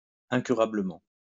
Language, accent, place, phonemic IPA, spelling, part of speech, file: French, France, Lyon, /ɛ̃.ky.ʁa.blə.mɑ̃/, incurablement, adverb, LL-Q150 (fra)-incurablement.wav
- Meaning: incurably